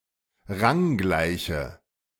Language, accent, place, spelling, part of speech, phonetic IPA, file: German, Germany, Berlin, ranggleiche, adjective, [ˈʁaŋˌɡlaɪ̯çə], De-ranggleiche.ogg
- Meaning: inflection of ranggleich: 1. strong/mixed nominative/accusative feminine singular 2. strong nominative/accusative plural 3. weak nominative all-gender singular